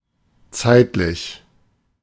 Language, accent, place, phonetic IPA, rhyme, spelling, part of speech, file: German, Germany, Berlin, [ˈt͡saɪ̯tlɪç], -aɪ̯tlɪç, zeitlich, adjective, De-zeitlich.ogg
- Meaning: 1. temporal (defined by time) 2. chronological (ordered by time) 3. temporal; not eternal